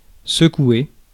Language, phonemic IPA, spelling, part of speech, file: French, /sə.kwe/, secouer, verb, Fr-secouer.ogg
- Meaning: 1. to shake 2. to shake off (oppression etc.) 3. to shake (emotionally, figuratively) 4. to shake up 5. to shake (oneself) 6. to make an effort